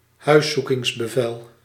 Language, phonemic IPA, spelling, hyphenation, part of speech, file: Dutch, /ˈɦœy̯.su.kɪŋs.bəˌvɛl/, huiszoekingsbevel, huis‧zoe‧kings‧be‧vel, noun, Nl-huiszoekingsbevel.ogg
- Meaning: a search warrant, court order authorizing the authorities to search a home as part of a criminal investigation